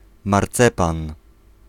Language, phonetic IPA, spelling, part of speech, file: Polish, [marˈt͡sɛpãn], marcepan, noun, Pl-marcepan.ogg